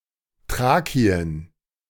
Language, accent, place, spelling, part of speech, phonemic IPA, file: German, Germany, Berlin, Thrakien, proper noun, /ˈtʁaːki̯ən/, De-Thrakien.ogg
- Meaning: Thrace (a historical region of Southeastern Europe, now divided between Greece, Bulgaria and Turkey)